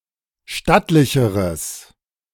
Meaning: strong/mixed nominative/accusative neuter singular comparative degree of stattlich
- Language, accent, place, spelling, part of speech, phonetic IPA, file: German, Germany, Berlin, stattlicheres, adjective, [ˈʃtatlɪçəʁəs], De-stattlicheres.ogg